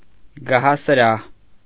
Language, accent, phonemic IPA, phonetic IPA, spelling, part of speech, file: Armenian, Eastern Armenian, /ɡɑhɑsəˈɾɑh/, [ɡɑhɑsəɾɑ́h], գահասրահ, noun, Hy-գահասրահ.ogg
- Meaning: throne room